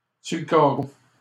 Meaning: 1. down, on the ground (as a result of having fainted or keeled over) 2. by the wayside, stranded 3. penniless, broke
- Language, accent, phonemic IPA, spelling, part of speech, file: French, Canada, /syʁ lə ka.ʁo/, sur le carreau, adverb, LL-Q150 (fra)-sur le carreau.wav